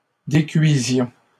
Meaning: inflection of décuire: 1. first-person plural imperfect indicative 2. first-person plural present subjunctive
- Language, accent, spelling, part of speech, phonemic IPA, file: French, Canada, décuisions, verb, /de.kɥi.zjɔ̃/, LL-Q150 (fra)-décuisions.wav